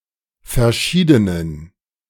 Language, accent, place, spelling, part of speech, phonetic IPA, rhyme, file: German, Germany, Berlin, verschiedenen, adjective, [fɛɐ̯ˈʃiːdənən], -iːdənən, De-verschiedenen.ogg
- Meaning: inflection of verschieden: 1. strong genitive masculine/neuter singular 2. weak/mixed genitive/dative all-gender singular 3. strong/weak/mixed accusative masculine singular 4. strong dative plural